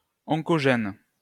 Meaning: oncogene
- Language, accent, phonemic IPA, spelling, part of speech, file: French, France, /ɔ̃.kɔ.ʒɛn/, oncogène, noun, LL-Q150 (fra)-oncogène.wav